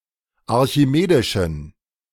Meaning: inflection of archimedisch: 1. strong genitive masculine/neuter singular 2. weak/mixed genitive/dative all-gender singular 3. strong/weak/mixed accusative masculine singular 4. strong dative plural
- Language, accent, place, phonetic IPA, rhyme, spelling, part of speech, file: German, Germany, Berlin, [aʁçiˈmeːdɪʃn̩], -eːdɪʃn̩, archimedischen, adjective, De-archimedischen.ogg